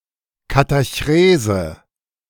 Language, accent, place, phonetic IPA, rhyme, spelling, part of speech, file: German, Germany, Berlin, [kataˈçʁeːzə], -eːzə, Katachrese, noun, De-Katachrese.ogg
- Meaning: catachresis